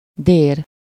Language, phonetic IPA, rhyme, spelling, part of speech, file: Hungarian, [ˈdeːr], -eːr, dér, noun, Hu-dér.ogg
- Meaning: frost